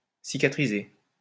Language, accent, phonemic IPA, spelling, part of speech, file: French, France, /si.ka.tʁi.ze/, cicatriser, verb, LL-Q150 (fra)-cicatriser.wav
- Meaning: to heal, to scar (of a wound)